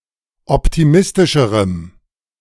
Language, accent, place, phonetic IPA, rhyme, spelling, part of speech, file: German, Germany, Berlin, [ˌɔptiˈmɪstɪʃəʁəm], -ɪstɪʃəʁəm, optimistischerem, adjective, De-optimistischerem.ogg
- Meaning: strong dative masculine/neuter singular comparative degree of optimistisch